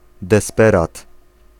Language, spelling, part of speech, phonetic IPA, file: Polish, desperat, noun, [dɛsˈpɛrat], Pl-desperat.ogg